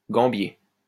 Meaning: gambier
- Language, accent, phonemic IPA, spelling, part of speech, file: French, France, /ɡɑ̃.bje/, gambier, noun, LL-Q150 (fra)-gambier.wav